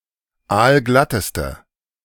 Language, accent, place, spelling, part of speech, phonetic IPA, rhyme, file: German, Germany, Berlin, aalglatteste, adjective, [ˈaːlˈɡlatəstə], -atəstə, De-aalglatteste.ogg
- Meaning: inflection of aalglatt: 1. strong/mixed nominative/accusative feminine singular superlative degree 2. strong nominative/accusative plural superlative degree